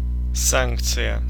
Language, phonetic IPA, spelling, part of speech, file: Russian, [ˈsankt͡sɨjə], санкция, noun, Ru-санкция.ogg
- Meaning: 1. sanction (approval, by an authority, that makes something valid) 2. sanction (penalty, coercive measure)